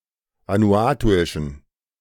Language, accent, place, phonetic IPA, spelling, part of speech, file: German, Germany, Berlin, [ˌvanuˈaːtuɪʃn̩], vanuatuischen, adjective, De-vanuatuischen.ogg
- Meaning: inflection of vanuatuisch: 1. strong genitive masculine/neuter singular 2. weak/mixed genitive/dative all-gender singular 3. strong/weak/mixed accusative masculine singular 4. strong dative plural